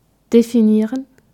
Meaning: to define
- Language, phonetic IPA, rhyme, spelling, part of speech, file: German, [defiˈniːʁən], -iːʁən, definieren, verb, De-definieren.ogg